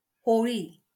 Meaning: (proper noun) Holi; the Hindu festival celebrated every spring; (noun) the bonfire lit on Holi
- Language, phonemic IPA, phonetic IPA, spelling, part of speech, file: Marathi, /ɦo.ɭ̆i/, [ɦo.ɭ̆iː], होळी, proper noun / noun, LL-Q1571 (mar)-होळी.wav